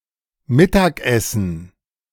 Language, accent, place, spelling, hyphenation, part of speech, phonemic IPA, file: German, Germany, Berlin, mittagessen, mit‧tag‧es‧sen, verb, /ˈmɪtakʔɛsn̩/, De-mittagessen.ogg
- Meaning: to lunch, to have lunch